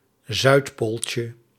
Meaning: diminutive of zuidpool
- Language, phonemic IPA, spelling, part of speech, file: Dutch, /ˈzœytpolcə/, zuidpooltje, noun, Nl-zuidpooltje.ogg